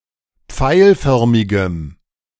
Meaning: strong dative masculine/neuter singular of pfeilförmig
- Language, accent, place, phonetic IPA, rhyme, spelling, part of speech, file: German, Germany, Berlin, [ˈp͡faɪ̯lˌfœʁmɪɡəm], -aɪ̯lfœʁmɪɡəm, pfeilförmigem, adjective, De-pfeilförmigem.ogg